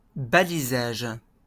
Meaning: mark; marking; tag
- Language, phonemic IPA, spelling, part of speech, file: French, /ba.li.zaʒ/, balisage, noun, LL-Q150 (fra)-balisage.wav